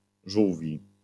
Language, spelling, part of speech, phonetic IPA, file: Polish, żółwi, adjective / noun, [ˈʒuwvʲi], LL-Q809 (pol)-żółwi.wav